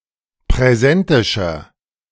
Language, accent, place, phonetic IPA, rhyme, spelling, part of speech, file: German, Germany, Berlin, [pʁɛˈzɛntɪʃɐ], -ɛntɪʃɐ, präsentischer, adjective, De-präsentischer.ogg
- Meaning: inflection of präsentisch: 1. strong/mixed nominative masculine singular 2. strong genitive/dative feminine singular 3. strong genitive plural